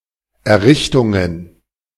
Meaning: plural of Errichtung
- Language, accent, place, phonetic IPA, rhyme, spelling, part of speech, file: German, Germany, Berlin, [ɛɐ̯ˈʁɪçtʊŋən], -ɪçtʊŋən, Errichtungen, noun, De-Errichtungen.ogg